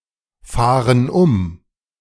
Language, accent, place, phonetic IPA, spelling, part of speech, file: German, Germany, Berlin, [ˌfaːʁən ˈʊm], fahren um, verb, De-fahren um.ogg
- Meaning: inflection of umfahren: 1. first/third-person plural present 2. first/third-person plural subjunctive I